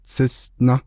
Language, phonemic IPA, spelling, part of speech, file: Navajo, /t͡sʰɪ́sʔnɑ́/, tsísʼná, noun, Nv-tsísʼná.ogg
- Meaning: 1. bee, honey bee 2. wasp